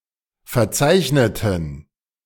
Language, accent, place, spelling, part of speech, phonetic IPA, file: German, Germany, Berlin, verzeichneten, adjective / verb, [fɛɐ̯ˈt͡saɪ̯çnətn̩], De-verzeichneten.ogg
- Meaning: inflection of verzeichnet: 1. strong genitive masculine/neuter singular 2. weak/mixed genitive/dative all-gender singular 3. strong/weak/mixed accusative masculine singular 4. strong dative plural